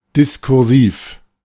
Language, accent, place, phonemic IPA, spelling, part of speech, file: German, Germany, Berlin, /dɪskʊʁˈziːf/, diskursiv, adjective, De-diskursiv.ogg
- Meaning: discursive